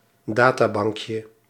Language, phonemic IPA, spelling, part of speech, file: Dutch, /ˈdataˌbɑŋkjə/, databankje, noun, Nl-databankje.ogg
- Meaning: diminutive of databank